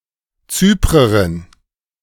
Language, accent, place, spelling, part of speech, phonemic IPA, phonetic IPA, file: German, Germany, Berlin, Zyprerin, noun, /ˈtsyːpʁəʁɪn/, [ˈtsyːpʁɐʁɪn], De-Zyprerin.ogg
- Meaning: female equivalent of Zyprer: female Cypriot (a female person from Cyprus or of Cypriotic descent)